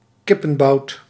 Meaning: a thigh and lower leg of a chicken, a half chicken haunch
- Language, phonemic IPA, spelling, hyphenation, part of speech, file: Dutch, /ˈkɪ.pə(n)ˌbɑu̯t/, kippenbout, kip‧pen‧bout, noun, Nl-kippenbout.ogg